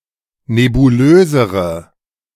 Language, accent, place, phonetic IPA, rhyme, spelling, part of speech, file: German, Germany, Berlin, [nebuˈløːzəʁə], -øːzəʁə, nebulösere, adjective, De-nebulösere.ogg
- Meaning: inflection of nebulös: 1. strong/mixed nominative/accusative feminine singular comparative degree 2. strong nominative/accusative plural comparative degree